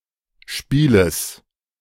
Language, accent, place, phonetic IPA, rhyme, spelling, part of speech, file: German, Germany, Berlin, [ˈʃpiːləs], -iːləs, Spieles, noun, De-Spieles.ogg
- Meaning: genitive singular of Spiel